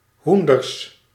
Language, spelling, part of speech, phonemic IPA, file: Dutch, hoenders, noun, /ˈɦun.dərs/, Nl-hoenders.ogg
- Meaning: plural of hoen